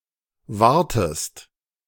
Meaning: inflection of warten: 1. second-person singular present 2. second-person singular subjunctive I
- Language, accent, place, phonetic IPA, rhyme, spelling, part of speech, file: German, Germany, Berlin, [ˈvaʁtəst], -aʁtəst, wartest, verb, De-wartest.ogg